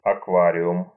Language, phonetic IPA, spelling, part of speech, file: Russian, [ɐkˈvarʲɪʊm], аквариум, noun, Ru-аквариум.ogg
- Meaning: aquarium